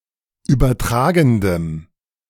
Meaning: strong dative masculine/neuter singular of übertragend
- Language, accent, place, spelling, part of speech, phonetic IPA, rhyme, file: German, Germany, Berlin, übertragendem, adjective, [ˌyːbɐˈtʁaːɡn̩dəm], -aːɡn̩dəm, De-übertragendem.ogg